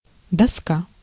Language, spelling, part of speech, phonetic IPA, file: Russian, доска, noun, [dɐˈska], Ru-доска.ogg
- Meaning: 1. board, plank 2. blackboard, chalkboard, whiteboard 3. plate, panel (a flat metal or stone object of uniform thickness) 4. snowboard, surfboard, skateboard 5. a flat-chested woman